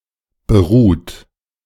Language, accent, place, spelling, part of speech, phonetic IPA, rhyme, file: German, Germany, Berlin, beruht, verb, [bəˈʁuːt], -uːt, De-beruht.ogg
- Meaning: 1. past participle of beruhen 2. inflection of beruhen: third-person singular present 3. inflection of beruhen: second-person plural present 4. inflection of beruhen: plural imperative